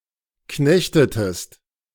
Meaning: inflection of knechten: 1. second-person singular preterite 2. second-person singular subjunctive II
- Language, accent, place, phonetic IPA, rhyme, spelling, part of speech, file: German, Germany, Berlin, [ˈknɛçtətəst], -ɛçtətəst, knechtetest, verb, De-knechtetest.ogg